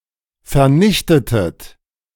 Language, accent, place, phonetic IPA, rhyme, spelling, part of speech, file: German, Germany, Berlin, [fɛɐ̯ˈnɪçtətət], -ɪçtətət, vernichtetet, verb, De-vernichtetet.ogg
- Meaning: inflection of vernichten: 1. second-person plural preterite 2. second-person plural subjunctive II